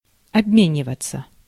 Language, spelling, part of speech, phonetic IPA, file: Russian, обмениваться, verb, [ɐbˈmʲenʲɪvət͡sə], Ru-обмениваться.ogg
- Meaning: 1. to exchange, to swap 2. passive of обме́нивать (obménivatʹ)